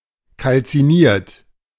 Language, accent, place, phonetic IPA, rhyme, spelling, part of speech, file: German, Germany, Berlin, [kalt͡siˈniːɐ̯t], -iːɐ̯t, kalziniert, verb, De-kalziniert.ogg
- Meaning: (verb) past participle of kalzinieren; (adjective) calcined